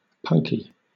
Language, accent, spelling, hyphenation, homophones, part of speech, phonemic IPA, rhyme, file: English, Southern England, punkie, punk‧ie, punky, noun, /ˈpʌŋki/, -ʌŋki, LL-Q1860 (eng)-punkie.wav
- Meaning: A small two-winged fly or midge of the family Ceratopogonidae, which bites and then sucks the blood of mammals; a biting midge or sandfly